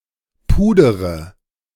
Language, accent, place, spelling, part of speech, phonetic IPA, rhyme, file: German, Germany, Berlin, pudere, verb, [ˈpuːdəʁə], -uːdəʁə, De-pudere.ogg
- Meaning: inflection of pudern: 1. first-person singular present 2. first/third-person singular subjunctive I 3. singular imperative